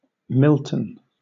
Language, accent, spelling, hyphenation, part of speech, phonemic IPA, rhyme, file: English, Southern England, Milton, Mil‧ton, proper noun, /ˈmɪltən/, -ɪltən, LL-Q1860 (eng)-Milton.wav
- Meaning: A number of places in the United Kingdom: A place in England: A village and civil parish in South Cambridgeshire district, Cambridgeshire (OS grid ref TL4762)